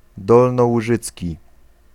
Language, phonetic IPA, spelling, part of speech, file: Polish, [ˌdɔlnɔwuˈʒɨt͡sʲci], dolnołużycki, adjective / noun, Pl-dolnołużycki.ogg